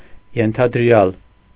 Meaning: supposed, assumed, presumed
- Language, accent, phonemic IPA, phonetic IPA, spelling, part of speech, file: Armenian, Eastern Armenian, /jentʰɑdəˈɾjɑl/, [jentʰɑdəɾjɑ́l], ենթադրյալ, adjective, Hy-ենթադրյալ.ogg